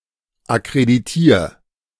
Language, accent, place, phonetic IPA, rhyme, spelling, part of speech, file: German, Germany, Berlin, [akʁediˈtiːɐ̯], -iːɐ̯, akkreditier, verb, De-akkreditier.ogg
- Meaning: 1. singular imperative of akkreditieren 2. first-person singular present of akkreditieren